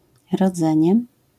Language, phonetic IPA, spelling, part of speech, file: Polish, [rɔˈd͡zɛ̃ɲɛ], rodzenie, noun, LL-Q809 (pol)-rodzenie.wav